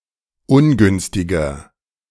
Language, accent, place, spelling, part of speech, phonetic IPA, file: German, Germany, Berlin, ungünstiger, adjective, [ˈʊnˌɡʏnstɪɡɐ], De-ungünstiger.ogg
- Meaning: 1. comparative degree of ungünstig 2. inflection of ungünstig: strong/mixed nominative masculine singular 3. inflection of ungünstig: strong genitive/dative feminine singular